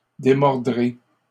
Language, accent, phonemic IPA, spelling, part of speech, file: French, Canada, /de.mɔʁ.dʁe/, démordrai, verb, LL-Q150 (fra)-démordrai.wav
- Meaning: first-person singular simple future of démordre